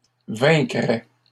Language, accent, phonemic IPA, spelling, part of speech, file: French, Canada, /vɛ̃.kʁɛ/, vaincrais, verb, LL-Q150 (fra)-vaincrais.wav
- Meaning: first/second-person singular conditional of vaincre